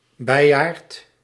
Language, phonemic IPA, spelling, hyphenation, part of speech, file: Dutch, /ˈbɛi̯.aːrt/, beiaard, bei‧aard, noun, Nl-beiaard.ogg
- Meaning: carillon